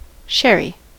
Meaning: 1. A fortified wine produced in Jerez de la Frontera in Spain, or a similar wine produced elsewhere 2. A variety of sherry 3. A glass of sherry
- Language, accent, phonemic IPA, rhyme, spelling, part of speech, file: English, US, /ˈʃɛɹi/, -ɛɹi, sherry, noun, En-us-sherry.ogg